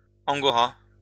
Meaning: angora (all senses)
- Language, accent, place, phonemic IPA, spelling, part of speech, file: French, France, Lyon, /ɑ̃.ɡɔ.ʁa/, angora, noun, LL-Q150 (fra)-angora.wav